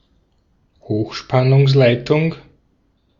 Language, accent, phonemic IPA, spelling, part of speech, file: German, Austria, /ˈhoːxʃpanʊŋslaɪ̯tʊŋ/, Hochspannungsleitung, noun, De-at-Hochspannungsleitung.ogg
- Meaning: high-voltage transmission line